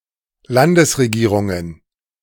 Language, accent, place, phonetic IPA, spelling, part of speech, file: German, Germany, Berlin, [ˈlandəsʁeˌɡiːʁʊŋən], Landesregierungen, noun, De-Landesregierungen.ogg
- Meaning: plural of Landesregierung